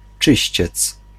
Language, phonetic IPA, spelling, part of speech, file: Polish, [ˈt͡ʃɨɕt͡ɕɛt͡s], czyściec, noun, Pl-czyściec.ogg